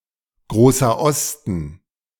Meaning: Grand Est (an administrative region in northeastern France, created in 2016 by the fusion of Alsace, Lorraine and Champagne-Ardenne)
- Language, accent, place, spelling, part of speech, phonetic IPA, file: German, Germany, Berlin, Großer Osten, proper noun, [ˌɡʁoːsɐ ˈɔstn̩], De-Großer Osten.ogg